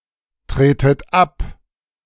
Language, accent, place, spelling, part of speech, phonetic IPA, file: German, Germany, Berlin, tretet ab, verb, [ˌtʁeːtət ˈap], De-tretet ab.ogg
- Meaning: inflection of abtreten: 1. second-person plural present 2. second-person plural subjunctive I 3. plural imperative